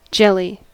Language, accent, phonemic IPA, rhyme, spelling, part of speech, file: English, US, /ˈd͡ʒɛli/, -ɛli, jelly, noun / verb / adjective, En-us-jelly.ogg
- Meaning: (noun) A dessert made by boiling gelatine (or a plant-based alternative such as agar or carrageenan), sugar and some flavouring (often derived from fruit) and allowing it to set